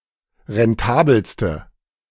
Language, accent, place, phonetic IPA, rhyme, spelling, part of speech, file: German, Germany, Berlin, [ʁɛnˈtaːbl̩stə], -aːbl̩stə, rentabelste, adjective, De-rentabelste.ogg
- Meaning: inflection of rentabel: 1. strong/mixed nominative/accusative feminine singular superlative degree 2. strong nominative/accusative plural superlative degree